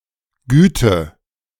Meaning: 1. kindness, clemency 2. quality
- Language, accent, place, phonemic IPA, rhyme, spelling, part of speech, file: German, Germany, Berlin, /ˈɡyːtə/, -yːtə, Güte, noun, De-Güte.ogg